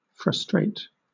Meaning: 1. To disappoint or defeat; to vex by depriving of something expected or desired 2. To hinder or thwart 3. To cause stress or annoyance
- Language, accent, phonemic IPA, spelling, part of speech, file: English, Southern England, /fɹʌˈstɹeɪt/, frustrate, verb, LL-Q1860 (eng)-frustrate.wav